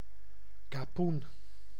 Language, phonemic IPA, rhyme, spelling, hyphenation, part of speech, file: Dutch, /kɑˈpun/, -un, kapoen, ka‧poen, noun, Nl-kapoen.ogg
- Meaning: 1. capon (a cockerel which has been gelded and fattened for the table) 2. A term of endearment for a little child